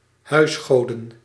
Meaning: plural of huisgod
- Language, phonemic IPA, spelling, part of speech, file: Dutch, /ˈhœʏsɣodə(n)/, huisgoden, noun, Nl-huisgoden.ogg